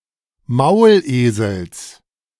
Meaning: genitive singular of Maulesel
- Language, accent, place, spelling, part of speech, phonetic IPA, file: German, Germany, Berlin, Maulesels, noun, [ˈmaʊ̯lˌʔeːzl̩s], De-Maulesels.ogg